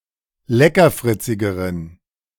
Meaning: inflection of leckerfritzig: 1. strong genitive masculine/neuter singular comparative degree 2. weak/mixed genitive/dative all-gender singular comparative degree
- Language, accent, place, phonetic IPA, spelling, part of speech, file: German, Germany, Berlin, [ˈlɛkɐˌfʁɪt͡sɪɡəʁən], leckerfritzigeren, adjective, De-leckerfritzigeren.ogg